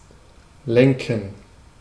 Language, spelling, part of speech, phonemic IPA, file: German, lenken, verb, /ˈlɛŋkən/, De-lenken.ogg
- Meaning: 1. to steer, drive 2. to navigate, guide 3. to regulate